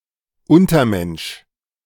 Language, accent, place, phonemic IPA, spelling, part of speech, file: German, Germany, Berlin, /ˈʊntəʁˌmɛnʃ/, Untermensch, noun, De-Untermensch.ogg
- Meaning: 1. a subhuman, a morally or culturally inferior person 2. one who is not an Übermensch